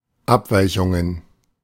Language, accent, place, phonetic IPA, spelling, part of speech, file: German, Germany, Berlin, [ˈapˌvaɪ̯çʊŋən], Abweichungen, noun, De-Abweichungen.ogg
- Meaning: plural of Abweichung